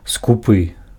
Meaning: avaricious, stingy
- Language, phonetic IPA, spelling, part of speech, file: Belarusian, [skuˈpɨ], скупы, adjective, Be-скупы.ogg